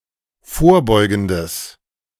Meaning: strong/mixed nominative/accusative neuter singular of vorbeugend
- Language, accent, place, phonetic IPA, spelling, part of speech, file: German, Germany, Berlin, [ˈfoːɐ̯ˌbɔɪ̯ɡn̩dəs], vorbeugendes, adjective, De-vorbeugendes.ogg